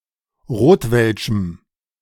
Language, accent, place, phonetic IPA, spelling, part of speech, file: German, Germany, Berlin, [ˈʁoːtvɛlʃm̩], rotwelschem, adjective, De-rotwelschem.ogg
- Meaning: strong dative masculine/neuter singular of rotwelsch